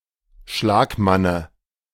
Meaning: dative of Schlagmann
- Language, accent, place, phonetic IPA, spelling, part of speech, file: German, Germany, Berlin, [ˈʃlaːkˌmanə], Schlagmanne, noun, De-Schlagmanne.ogg